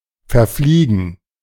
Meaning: 1. to disappear, to vanish 2. to fly the wrong route
- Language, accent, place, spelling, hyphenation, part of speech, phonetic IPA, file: German, Germany, Berlin, verfliegen, ver‧flie‧gen, verb, [fɛɐ̯ˈfliːɡn̩], De-verfliegen.ogg